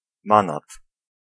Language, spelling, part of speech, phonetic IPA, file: Polish, manat, noun, [ˈmãnat], Pl-manat.ogg